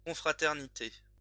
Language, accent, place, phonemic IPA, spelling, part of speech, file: French, France, Lyon, /kɔ̃.fʁa.tɛʁ.ni.te/, confraternité, noun, LL-Q150 (fra)-confraternité.wav
- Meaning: brotherhood, confraternity